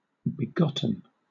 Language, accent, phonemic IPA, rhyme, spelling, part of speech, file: English, Southern England, /bɪˈɡɒt.ən/, -ɒtən, begotten, verb / adjective, LL-Q1860 (eng)-begotten.wav
- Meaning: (verb) past participle of beget; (adjective) Brought into being by one's begetter(s)